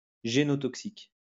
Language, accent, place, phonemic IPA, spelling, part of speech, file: French, France, Lyon, /ʒe.nɔ.tɔk.sik/, génotoxique, adjective, LL-Q150 (fra)-génotoxique.wav
- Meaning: genotoxic